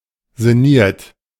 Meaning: 1. past participle of sinnieren 2. inflection of sinnieren: second-person plural present 3. inflection of sinnieren: third-person singular present 4. inflection of sinnieren: plural imperative
- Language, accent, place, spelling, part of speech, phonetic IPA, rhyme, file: German, Germany, Berlin, sinniert, verb, [zɪˈniːɐ̯t], -iːɐ̯t, De-sinniert.ogg